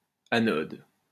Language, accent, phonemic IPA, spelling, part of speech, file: French, France, /a.nɔd/, anode, noun, LL-Q150 (fra)-anode.wav
- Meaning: anode (the electrode through which current flows into a device or cell)